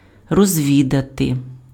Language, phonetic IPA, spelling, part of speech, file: Ukrainian, [rɔzʲˈʋʲidɐte], розвідати, verb, Uk-розвідати.ogg
- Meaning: 1. to reconnoiter (US), to reconnoitre (UK), to scout 2. to inquire, to make inquiries (about/into), to find out (about) 3. to prospect, to explore